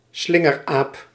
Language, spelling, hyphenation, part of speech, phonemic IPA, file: Dutch, slingeraap, slin‧ger‧aap, noun, /ˈslɪ.ŋərˌaːp/, Nl-slingeraap.ogg
- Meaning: spider monkey, monkey of the genus Ateles